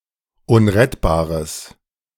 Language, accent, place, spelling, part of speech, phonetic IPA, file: German, Germany, Berlin, unrettbares, adjective, [ˈʊnʁɛtbaːʁəs], De-unrettbares.ogg
- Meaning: strong/mixed nominative/accusative neuter singular of unrettbar